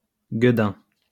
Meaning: 1. hothead 2. despicable person
- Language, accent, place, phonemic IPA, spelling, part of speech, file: French, France, Lyon, /ɡə.dɛ̃/, guedin, noun, LL-Q150 (fra)-guedin.wav